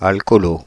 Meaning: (adjective) alcoholic; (noun) alcoholic (person); alkie
- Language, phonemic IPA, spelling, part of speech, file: French, /al.kɔ.lo/, alcoolo, adjective / noun, Fr-alcoolo.ogg